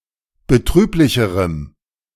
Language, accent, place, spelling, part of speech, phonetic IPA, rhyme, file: German, Germany, Berlin, betrüblicherem, adjective, [bəˈtʁyːplɪçəʁəm], -yːplɪçəʁəm, De-betrüblicherem.ogg
- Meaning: strong dative masculine/neuter singular comparative degree of betrüblich